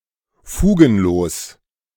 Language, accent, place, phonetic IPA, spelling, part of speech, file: German, Germany, Berlin, [ˈfuːɡn̩ˌloːs], fugenlos, adjective, De-fugenlos.ogg
- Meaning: seamless